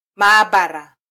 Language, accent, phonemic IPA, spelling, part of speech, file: Swahili, Kenya, /mɑːˈɓɑ.ɾɑ/, maabara, noun, Sw-ke-maabara.flac
- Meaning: laboratory (room, building or institution equipped for scientific research)